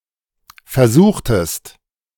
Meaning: inflection of versuchen: 1. second-person plural preterite 2. second-person plural subjunctive II
- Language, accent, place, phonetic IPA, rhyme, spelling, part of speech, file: German, Germany, Berlin, [fɛɐ̯ˈzuːxtət], -uːxtət, versuchtet, verb, De-versuchtet.ogg